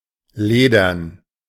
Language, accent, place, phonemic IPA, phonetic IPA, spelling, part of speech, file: German, Germany, Berlin, /ˈleːdərn/, [ˈleːdɐn], ledern, adjective, De-ledern.ogg
- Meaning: 1. leather, leathery 2. dry (boring)